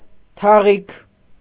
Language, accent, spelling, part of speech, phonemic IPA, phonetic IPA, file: Armenian, Eastern Armenian, թաղիք, noun, /tʰɑˈʁikʰ/, [tʰɑʁíkʰ], Hy-թաղիք.ogg
- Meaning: 1. thick felt (fabric) 2. mat made of thick felt 3. garment made of thick felt